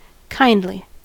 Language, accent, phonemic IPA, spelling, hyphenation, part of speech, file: English, General American, /ˈkaɪn(d)li/, kindly, kind‧ly, adjective / adverb, En-us-kindly.ogg
- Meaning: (adjective) 1. Having a kind personality; kind, warmhearted, sympathetic 2. Favourable, gentle, pleasant, tidy, auspicious, beneficent 3. Lawful 4. Natural; inherent to the kind or race